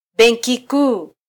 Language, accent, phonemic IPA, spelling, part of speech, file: Swahili, Kenya, /ˈɓɛn.ki ˈkuː/, benki kuu, noun, Sw-ke-benki kuu.flac
- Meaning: central bank (the principal monetary authority of a country)